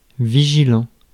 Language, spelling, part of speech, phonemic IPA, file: French, vigilant, adjective, /vi.ʒi.lɑ̃/, Fr-vigilant.ogg
- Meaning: vigilant